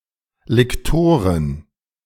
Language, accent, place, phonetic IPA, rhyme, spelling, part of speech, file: German, Germany, Berlin, [lɪkˈtoːʁən], -oːʁən, Liktoren, noun, De-Liktoren.ogg
- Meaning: plural of Liktor